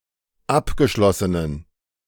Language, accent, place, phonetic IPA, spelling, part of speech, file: German, Germany, Berlin, [ˈapɡəˌʃlɔsənən], abgeschlossenen, adjective, De-abgeschlossenen.ogg
- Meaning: inflection of abgeschlossen: 1. strong genitive masculine/neuter singular 2. weak/mixed genitive/dative all-gender singular 3. strong/weak/mixed accusative masculine singular 4. strong dative plural